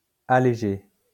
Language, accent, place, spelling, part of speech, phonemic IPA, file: French, France, Lyon, allégé, verb, /a.le.ʒe/, LL-Q150 (fra)-allégé.wav
- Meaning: past participle of alléger